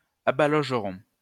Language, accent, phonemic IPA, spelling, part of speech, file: French, France, /a.ba.lɔʒ.ʁɔ̃/, abalogerons, verb, LL-Q150 (fra)-abalogerons.wav
- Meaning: first-person plural simple future of abaloger